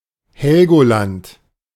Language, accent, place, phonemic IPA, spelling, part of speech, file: German, Germany, Berlin, /ˈhɛlɡoˌlant/, Helgoland, proper noun, De-Helgoland.ogg
- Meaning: Heligoland (an archipelago of Schleswig-Holstein, Germany, in the North Sea)